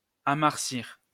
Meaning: to land on the surface of the planet Mars
- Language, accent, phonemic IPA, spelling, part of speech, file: French, France, /a.maʁ.siʁ/, amarsir, verb, LL-Q150 (fra)-amarsir.wav